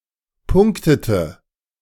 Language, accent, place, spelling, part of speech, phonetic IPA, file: German, Germany, Berlin, punktete, verb, [ˈpʊŋktətə], De-punktete.ogg
- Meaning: inflection of punkten: 1. first/third-person singular preterite 2. first/third-person singular subjunctive II